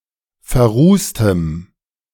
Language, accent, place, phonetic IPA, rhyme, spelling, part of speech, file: German, Germany, Berlin, [fɛɐ̯ˈʁuːstəm], -uːstəm, verrußtem, adjective, De-verrußtem.ogg
- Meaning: strong dative masculine/neuter singular of verrußt